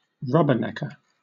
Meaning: A person who rubbernecks; someone who cranes their neck as though it were made of rubber to see something (such as a tourist attraction) or to watch an event (such as an accident); a rubberneck
- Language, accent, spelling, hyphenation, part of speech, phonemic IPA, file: English, Southern England, rubbernecker, rub‧ber‧neck‧er, noun, /ˈrʌbəˌnɛkə/, LL-Q1860 (eng)-rubbernecker.wav